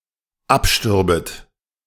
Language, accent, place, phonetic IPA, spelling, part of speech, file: German, Germany, Berlin, [ˈapˌʃtʏʁbət], abstürbet, verb, De-abstürbet.ogg
- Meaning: second-person plural dependent subjunctive II of absterben